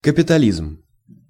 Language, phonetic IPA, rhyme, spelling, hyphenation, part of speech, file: Russian, [kəpʲɪtɐˈlʲizm], -izm, капитализм, ка‧пи‧та‧лизм, noun, Ru-капитализм.ogg
- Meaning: capitalism (socio-economic formation, based on private ownership rights)